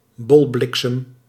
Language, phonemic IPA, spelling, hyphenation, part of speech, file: Dutch, /ˈbɔlˌblɪk.səm/, bolbliksem, bol‧blik‧sem, noun, Nl-bolbliksem.ogg
- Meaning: ball lightning